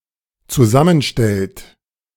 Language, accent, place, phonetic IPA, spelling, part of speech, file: German, Germany, Berlin, [t͡suˈzamənˌʃtɛlt], zusammenstellt, verb, De-zusammenstellt.ogg
- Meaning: inflection of zusammenstellen: 1. third-person singular dependent present 2. second-person plural dependent present